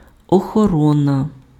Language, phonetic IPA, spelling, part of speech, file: Ukrainian, [ɔxɔˈrɔnɐ], охорона, noun, Uk-охорона.ogg
- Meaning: 1. guarding, protection, safeguarding, keeping 2. security, security guards, guards, bodyguards